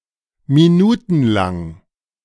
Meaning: lasting for minutes, minuteslong
- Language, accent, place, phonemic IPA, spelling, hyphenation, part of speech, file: German, Germany, Berlin, /miˈnuːtn̩laŋ/, minutenlang, mi‧nu‧ten‧lang, adjective, De-minutenlang.ogg